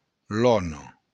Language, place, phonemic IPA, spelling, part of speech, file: Occitan, Béarn, /ˈlɔno/, lòna, noun, LL-Q14185 (oci)-lòna.wav
- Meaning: lagoon